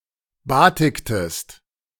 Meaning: inflection of batiken: 1. second-person singular preterite 2. second-person singular subjunctive II
- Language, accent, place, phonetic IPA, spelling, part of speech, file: German, Germany, Berlin, [ˈbaːtɪktəst], batiktest, verb, De-batiktest.ogg